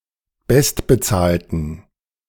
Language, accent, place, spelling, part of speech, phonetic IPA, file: German, Germany, Berlin, bestbezahlten, adjective, [ˈbɛstbəˌt͡saːltn̩], De-bestbezahlten.ogg
- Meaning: inflection of bestbezahlt: 1. strong genitive masculine/neuter singular 2. weak/mixed genitive/dative all-gender singular 3. strong/weak/mixed accusative masculine singular 4. strong dative plural